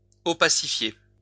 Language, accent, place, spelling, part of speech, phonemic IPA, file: French, France, Lyon, opacifier, verb, /ɔ.pa.si.fje/, LL-Q150 (fra)-opacifier.wav
- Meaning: to opacify